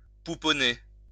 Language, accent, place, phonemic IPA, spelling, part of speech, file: French, France, Lyon, /pu.pɔ.ne/, pouponner, verb, LL-Q150 (fra)-pouponner.wav
- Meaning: 1. to dote 2. to look after a baby